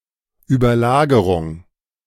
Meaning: superposition
- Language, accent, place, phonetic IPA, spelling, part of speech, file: German, Germany, Berlin, [yːbɐˈlaːɡəʁʊŋ], Überlagerung, noun, De-Überlagerung.ogg